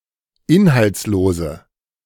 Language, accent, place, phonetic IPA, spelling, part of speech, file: German, Germany, Berlin, [ˈɪnhalt͡sˌloːzə], inhaltslose, adjective, De-inhaltslose.ogg
- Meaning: inflection of inhaltslos: 1. strong/mixed nominative/accusative feminine singular 2. strong nominative/accusative plural 3. weak nominative all-gender singular